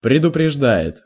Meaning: third-person singular present indicative imperfective of предупрежда́ть (predupreždátʹ)
- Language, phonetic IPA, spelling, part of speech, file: Russian, [prʲɪdʊprʲɪʐˈda(j)ɪt], предупреждает, verb, Ru-предупреждает.ogg